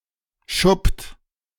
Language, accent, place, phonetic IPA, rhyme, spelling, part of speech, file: German, Germany, Berlin, [ʃʊpt], -ʊpt, schuppt, verb, De-schuppt.ogg
- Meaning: inflection of schuppen: 1. third-person singular present 2. second-person plural present 3. plural imperative